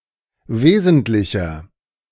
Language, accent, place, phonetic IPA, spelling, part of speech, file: German, Germany, Berlin, [ˈveːzn̩tlɪçɐ], wesentlicher, adjective, De-wesentlicher.ogg
- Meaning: inflection of wesentlich: 1. strong/mixed nominative masculine singular 2. strong genitive/dative feminine singular 3. strong genitive plural